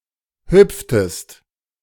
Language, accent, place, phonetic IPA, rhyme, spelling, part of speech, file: German, Germany, Berlin, [ˈhʏp͡ftəst], -ʏp͡ftəst, hüpftest, verb, De-hüpftest.ogg
- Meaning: inflection of hüpfen: 1. second-person singular preterite 2. second-person singular subjunctive II